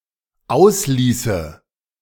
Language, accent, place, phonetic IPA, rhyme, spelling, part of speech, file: German, Germany, Berlin, [ˈaʊ̯sˌliːsə], -aʊ̯sliːsə, ausließe, verb, De-ausließe.ogg
- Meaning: first/third-person singular dependent subjunctive II of auslassen